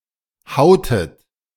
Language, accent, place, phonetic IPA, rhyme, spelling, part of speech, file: German, Germany, Berlin, [ˈhaʊ̯tət], -aʊ̯tət, hautet, verb, De-hautet.ogg
- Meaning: inflection of hauen: 1. second-person plural preterite 2. second-person plural subjunctive II